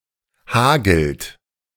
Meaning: third-person singular present of hageln
- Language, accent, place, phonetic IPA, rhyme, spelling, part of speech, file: German, Germany, Berlin, [ˈhaːɡl̩t], -aːɡl̩t, hagelt, verb, De-hagelt.ogg